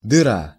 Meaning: 1. hole 2. backwater, out-of-the-way place
- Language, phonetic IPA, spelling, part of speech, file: Russian, [dɨˈra], дыра, noun, Ru-дыра.ogg